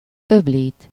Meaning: 1. to rinse (to wash something quickly using water and no soap) 2. to rinse (to remove soap from something using water)
- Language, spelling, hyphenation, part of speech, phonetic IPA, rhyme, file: Hungarian, öblít, öb‧lít, verb, [ˈøbliːt], -iːt, Hu-öblít.ogg